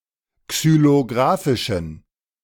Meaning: inflection of xylografisch: 1. strong genitive masculine/neuter singular 2. weak/mixed genitive/dative all-gender singular 3. strong/weak/mixed accusative masculine singular 4. strong dative plural
- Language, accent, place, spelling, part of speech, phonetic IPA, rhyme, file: German, Germany, Berlin, xylografischen, adjective, [ksyloˈɡʁaːfɪʃn̩], -aːfɪʃn̩, De-xylografischen.ogg